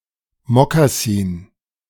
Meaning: moccasin
- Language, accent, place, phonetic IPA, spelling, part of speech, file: German, Germany, Berlin, [mokaˈsiːn], Mokassin, noun, De-Mokassin.ogg